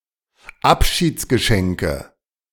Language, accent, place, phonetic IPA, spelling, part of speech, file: German, Germany, Berlin, [ˈapʃiːt͡sɡəˌʃɛŋkə], Abschiedsgeschenke, noun, De-Abschiedsgeschenke.ogg
- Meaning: nominative/accusative/genitive plural of Abschiedsgeschenk